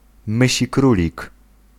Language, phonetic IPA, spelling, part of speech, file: Polish, [ˌmɨɕiˈkrulʲik], mysikrólik, noun, Pl-mysikrólik.ogg